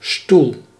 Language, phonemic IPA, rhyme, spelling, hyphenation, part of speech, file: Dutch, /stul/, -ul, stoel, stoel, noun / verb, Nl-stoel.ogg
- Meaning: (noun) 1. a chair, a piece of furniture used for sitting, normally portable and having four legs 2. any seat, from stool to throne; a dais